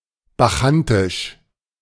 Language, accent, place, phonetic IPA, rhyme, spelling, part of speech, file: German, Germany, Berlin, [baˈxantɪʃ], -antɪʃ, bacchantisch, adjective, De-bacchantisch.ogg
- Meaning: Bacchanalian